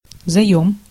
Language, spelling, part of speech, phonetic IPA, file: Russian, заём, noun, [zɐˈjɵm], Ru-заём.ogg
- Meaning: loan